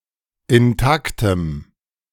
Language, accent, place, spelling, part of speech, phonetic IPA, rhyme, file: German, Germany, Berlin, intaktem, adjective, [ɪnˈtaktəm], -aktəm, De-intaktem.ogg
- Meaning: strong dative masculine/neuter singular of intakt